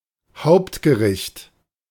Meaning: main dish, main course, entree (American English)
- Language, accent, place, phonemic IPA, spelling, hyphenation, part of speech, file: German, Germany, Berlin, /ˈhaʊ̯ptɡəˌʁɪçt/, Hauptgericht, Haupt‧ge‧richt, noun, De-Hauptgericht.ogg